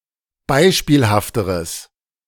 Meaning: strong/mixed nominative/accusative neuter singular comparative degree of beispielhaft
- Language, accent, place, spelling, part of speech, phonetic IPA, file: German, Germany, Berlin, beispielhafteres, adjective, [ˈbaɪ̯ʃpiːlhaftəʁəs], De-beispielhafteres.ogg